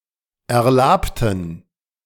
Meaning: inflection of erlaben: 1. first/third-person plural preterite 2. first/third-person plural subjunctive II
- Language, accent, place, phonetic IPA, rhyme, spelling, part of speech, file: German, Germany, Berlin, [ɛɐ̯ˈlaːptn̩], -aːptn̩, erlabten, adjective / verb, De-erlabten.ogg